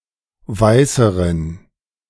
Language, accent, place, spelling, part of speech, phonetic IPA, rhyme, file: German, Germany, Berlin, weißeren, adjective, [ˈvaɪ̯səʁən], -aɪ̯səʁən, De-weißeren.ogg
- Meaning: inflection of weiß: 1. strong genitive masculine/neuter singular comparative degree 2. weak/mixed genitive/dative all-gender singular comparative degree